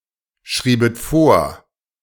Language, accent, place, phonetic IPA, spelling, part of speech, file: German, Germany, Berlin, [ˌʃʁiːbət ˈfoːɐ̯], schriebet vor, verb, De-schriebet vor.ogg
- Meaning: second-person plural subjunctive II of vorschreiben